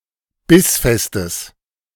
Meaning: strong/mixed nominative/accusative neuter singular of bissfest
- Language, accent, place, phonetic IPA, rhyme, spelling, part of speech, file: German, Germany, Berlin, [ˈbɪsˌfɛstəs], -ɪsfɛstəs, bissfestes, adjective, De-bissfestes.ogg